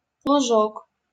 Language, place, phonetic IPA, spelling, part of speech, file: Russian, Saint Petersburg, [ɫʊˈʐok], лужок, noun, LL-Q7737 (rus)-лужок.wav
- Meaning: diminutive of луг (lug, “meadow”)